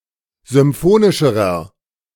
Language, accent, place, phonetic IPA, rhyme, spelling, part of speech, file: German, Germany, Berlin, [zʏmˈfoːnɪʃəʁɐ], -oːnɪʃəʁɐ, symphonischerer, adjective, De-symphonischerer.ogg
- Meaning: inflection of symphonisch: 1. strong/mixed nominative masculine singular comparative degree 2. strong genitive/dative feminine singular comparative degree 3. strong genitive plural comparative degree